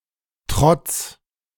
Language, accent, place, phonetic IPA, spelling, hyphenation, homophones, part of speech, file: German, Germany, Berlin, [tʁɔts], Trotts, Trotts, trotz / Trotz, noun, De-Trotts.ogg
- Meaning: genitive singular of Trott